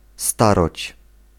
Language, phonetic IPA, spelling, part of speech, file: Polish, [ˈstarɔt͡ɕ], staroć, noun, Pl-staroć.ogg